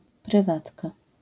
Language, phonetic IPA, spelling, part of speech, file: Polish, [prɨˈvatka], prywatka, noun, LL-Q809 (pol)-prywatka.wav